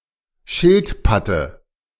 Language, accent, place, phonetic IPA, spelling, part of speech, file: German, Germany, Berlin, [ˈʃɪltˌpatə], Schildpatte, noun, De-Schildpatte.ogg
- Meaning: dative of Schildpatt